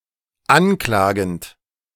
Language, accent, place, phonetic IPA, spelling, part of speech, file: German, Germany, Berlin, [ˈanˌklaːɡn̩t], anklagend, verb, De-anklagend.ogg
- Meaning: present participle of anklagen